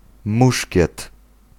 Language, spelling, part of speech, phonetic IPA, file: Polish, muszkiet, noun, [ˈmuʃʲcɛt], Pl-muszkiet.ogg